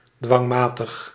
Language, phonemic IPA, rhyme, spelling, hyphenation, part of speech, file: Dutch, /ˌdʋɑŋˈmaː.təx/, -aːtəx, dwangmatig, dwang‧ma‧tig, adjective, Nl-dwangmatig.ogg
- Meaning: 1. inexorable 2. relentless 3. compulsive